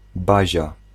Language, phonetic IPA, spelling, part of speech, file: Polish, [ˈbaʑa], bazia, noun, Pl-bazia.ogg